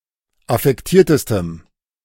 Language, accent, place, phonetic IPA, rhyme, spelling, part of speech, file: German, Germany, Berlin, [afɛkˈtiːɐ̯təstəm], -iːɐ̯təstəm, affektiertestem, adjective, De-affektiertestem.ogg
- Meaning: strong dative masculine/neuter singular superlative degree of affektiert